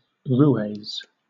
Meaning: plural of roué
- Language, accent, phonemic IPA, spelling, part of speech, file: English, Southern England, /ˈɹuːeɪz/, roués, noun, LL-Q1860 (eng)-roués.wav